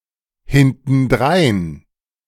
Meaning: behind
- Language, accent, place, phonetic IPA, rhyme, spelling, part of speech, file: German, Germany, Berlin, [hɪntn̩ˈdʁaɪ̯n], -aɪ̯n, hintendrein, adverb, De-hintendrein.ogg